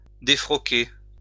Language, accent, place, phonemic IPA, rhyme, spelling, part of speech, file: French, France, Lyon, /de.fʁɔ.ke/, -e, défroquer, verb, LL-Q150 (fra)-défroquer.wav
- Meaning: to defrock